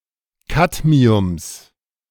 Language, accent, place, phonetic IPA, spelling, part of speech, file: German, Germany, Berlin, [ˈkatmiʊms], Kadmiums, noun, De-Kadmiums.ogg
- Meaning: genitive singular of Kadmium